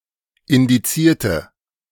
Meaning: inflection of indizieren: 1. first/third-person singular preterite 2. first/third-person singular subjunctive II
- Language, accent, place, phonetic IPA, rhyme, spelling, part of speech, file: German, Germany, Berlin, [ɪndiˈt͡siːɐ̯tə], -iːɐ̯tə, indizierte, adjective / verb, De-indizierte.ogg